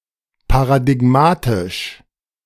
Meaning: paradigmatic
- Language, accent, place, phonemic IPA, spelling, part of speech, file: German, Germany, Berlin, /paʁadɪɡˈmaːtɪʃ/, paradigmatisch, adjective, De-paradigmatisch.ogg